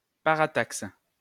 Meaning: parataxis
- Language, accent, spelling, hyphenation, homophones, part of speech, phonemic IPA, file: French, France, parataxe, pa‧ra‧taxe, parataxes, noun, /pa.ʁa.taks/, LL-Q150 (fra)-parataxe.wav